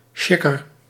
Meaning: drunk, loaded, intoxicated
- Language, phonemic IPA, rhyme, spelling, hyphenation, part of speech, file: Dutch, /ˈʃɪ.kər/, -ɪkər, sjikker, sjik‧ker, adjective, Nl-sjikker.ogg